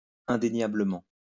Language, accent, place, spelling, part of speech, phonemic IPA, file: French, France, Lyon, indéniablement, adverb, /ɛ̃.de.nja.blə.mɑ̃/, LL-Q150 (fra)-indéniablement.wav
- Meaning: undeniably; indisputably